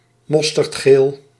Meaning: mustard (color/colour)
- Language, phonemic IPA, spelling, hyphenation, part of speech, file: Dutch, /ˈmɔstərtˌxel/, mosterdgeel, mos‧terd‧geel, noun / adjective, Nl-mosterdgeel.ogg